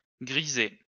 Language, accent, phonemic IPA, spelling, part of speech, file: French, France, /ɡʁi.ze/, grisés, verb / noun, LL-Q150 (fra)-grisés.wav
- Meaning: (verb) masculine plural of grisé; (noun) plural of grisé